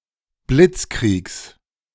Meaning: genitive singular of Blitzkrieg
- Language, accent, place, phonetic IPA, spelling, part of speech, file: German, Germany, Berlin, [ˈblɪt͡sˌkʁiːks], Blitzkriegs, noun, De-Blitzkriegs.ogg